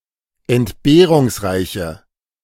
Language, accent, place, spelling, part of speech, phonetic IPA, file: German, Germany, Berlin, entbehrungsreiche, adjective, [ɛntˈbeːʁʊŋsˌʁaɪ̯çə], De-entbehrungsreiche.ogg
- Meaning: inflection of entbehrungsreich: 1. strong/mixed nominative/accusative feminine singular 2. strong nominative/accusative plural 3. weak nominative all-gender singular